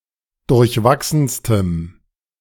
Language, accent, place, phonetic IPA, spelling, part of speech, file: German, Germany, Berlin, [dʊʁçˈvaksn̩stəm], durchwachsenstem, adjective, De-durchwachsenstem.ogg
- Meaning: strong dative masculine/neuter singular superlative degree of durchwachsen